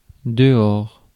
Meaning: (adverb) outside; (preposition) outside; outside of
- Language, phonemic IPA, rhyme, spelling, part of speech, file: French, /də.ɔʁ/, -ɔʁ, dehors, adverb / noun / preposition, Fr-dehors.ogg